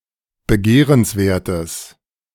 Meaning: strong/mixed nominative/accusative neuter singular of begehrenswert
- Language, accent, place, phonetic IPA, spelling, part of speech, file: German, Germany, Berlin, [bəˈɡeːʁənsˌveːɐ̯təs], begehrenswertes, adjective, De-begehrenswertes.ogg